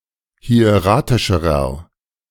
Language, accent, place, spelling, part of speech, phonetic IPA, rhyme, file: German, Germany, Berlin, hieratischerer, adjective, [hi̯eˈʁaːtɪʃəʁɐ], -aːtɪʃəʁɐ, De-hieratischerer.ogg
- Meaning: inflection of hieratisch: 1. strong/mixed nominative masculine singular comparative degree 2. strong genitive/dative feminine singular comparative degree 3. strong genitive plural comparative degree